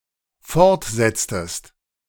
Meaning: inflection of fortsetzen: 1. second-person singular dependent preterite 2. second-person singular dependent subjunctive II
- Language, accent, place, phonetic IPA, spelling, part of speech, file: German, Germany, Berlin, [ˈfɔʁtˌzɛt͡stəst], fortsetztest, verb, De-fortsetztest.ogg